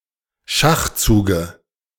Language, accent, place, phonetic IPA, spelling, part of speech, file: German, Germany, Berlin, [ˈʃaxˌt͡suːɡə], Schachzuge, noun, De-Schachzuge.ogg
- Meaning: dative of Schachzug